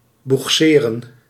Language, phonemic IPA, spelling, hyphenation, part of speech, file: Dutch, /buxˈseːrə(n)/, boegseren, boeg‧se‧ren, verb, Nl-boegseren.ogg
- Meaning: to tug, to tow by rowing